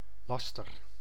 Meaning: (noun) slander, libel (untrue, injurious statement, either written or said); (verb) inflection of lasteren: 1. first-person singular present indicative 2. second-person singular present indicative
- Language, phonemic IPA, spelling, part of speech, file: Dutch, /ˈlɑstər/, laster, noun / verb, Nl-laster.ogg